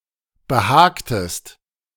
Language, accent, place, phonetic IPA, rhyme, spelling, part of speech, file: German, Germany, Berlin, [bəˈhaːktəst], -aːktəst, behagtest, verb, De-behagtest.ogg
- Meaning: inflection of behagen: 1. second-person singular preterite 2. second-person singular subjunctive II